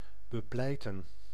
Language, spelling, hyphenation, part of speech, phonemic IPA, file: Dutch, bepleiten, be‧plei‧ten, verb, /bəˈplɛi̯tə(n)/, Nl-bepleiten.ogg
- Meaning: to plead, to advocate